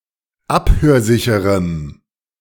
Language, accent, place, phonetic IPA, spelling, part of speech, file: German, Germany, Berlin, [ˈaphøːɐ̯ˌzɪçəʁəm], abhörsicherem, adjective, De-abhörsicherem.ogg
- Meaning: strong dative masculine/neuter singular of abhörsicher